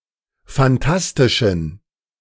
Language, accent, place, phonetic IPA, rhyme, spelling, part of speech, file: German, Germany, Berlin, [fanˈtastɪʃn̩], -astɪʃn̩, phantastischen, adjective, De-phantastischen.ogg
- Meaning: inflection of phantastisch: 1. strong genitive masculine/neuter singular 2. weak/mixed genitive/dative all-gender singular 3. strong/weak/mixed accusative masculine singular 4. strong dative plural